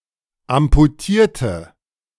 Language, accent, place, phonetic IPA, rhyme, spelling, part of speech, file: German, Germany, Berlin, [ampuˈtiːɐ̯tə], -iːɐ̯tə, amputierte, adjective / verb, De-amputierte.ogg
- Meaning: inflection of amputieren: 1. first/third-person singular preterite 2. first/third-person singular subjunctive II